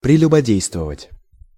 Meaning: to commit adultery, to adulterate, to fornicate
- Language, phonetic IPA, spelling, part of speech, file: Russian, [prʲɪlʲʊbɐˈdʲejstvəvətʲ], прелюбодействовать, verb, Ru-прелюбодействовать.ogg